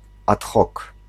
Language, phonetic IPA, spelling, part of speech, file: Polish, [ˈat ˈxɔk], ad hoc, adverbial phrase, Pl-ad hoc.ogg